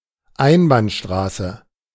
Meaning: one-way street
- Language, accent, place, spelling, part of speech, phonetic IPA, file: German, Germany, Berlin, Einbahnstraße, noun, [ˈaɪ̯nbaːnˌʃtʁaːsə], De-Einbahnstraße.ogg